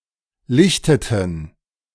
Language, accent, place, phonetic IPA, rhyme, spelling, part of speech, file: German, Germany, Berlin, [ˈlɪçtətn̩], -ɪçtətn̩, lichteten, verb, De-lichteten.ogg
- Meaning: inflection of lichten: 1. first/third-person plural preterite 2. first/third-person plural subjunctive II